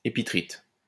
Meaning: epitrite
- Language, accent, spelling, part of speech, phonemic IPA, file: French, France, épitrite, noun, /e.pi.tʁit/, LL-Q150 (fra)-épitrite.wav